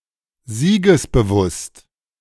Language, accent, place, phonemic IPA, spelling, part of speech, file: German, Germany, Berlin, /ˈziːɡəsbəˌvʊst/, siegesbewusst, adjective, De-siegesbewusst.ogg
- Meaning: certain of victory